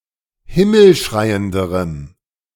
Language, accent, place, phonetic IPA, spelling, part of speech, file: German, Germany, Berlin, [ˈhɪml̩ˌʃʁaɪ̯əndəʁəm], himmelschreienderem, adjective, De-himmelschreienderem.ogg
- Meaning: strong dative masculine/neuter singular comparative degree of himmelschreiend